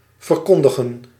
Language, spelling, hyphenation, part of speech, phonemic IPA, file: Dutch, verkondigen, ver‧kon‧di‧gen, verb, /vərˈkɔn.də.ɣə(n)/, Nl-verkondigen.ogg
- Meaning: 1. to announce, proclaim 2. to preach